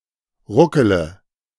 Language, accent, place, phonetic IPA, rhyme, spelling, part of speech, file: German, Germany, Berlin, [ˈʁʊkələ], -ʊkələ, ruckele, verb, De-ruckele.ogg
- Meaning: inflection of ruckeln: 1. first-person singular present 2. singular imperative 3. first/third-person singular subjunctive I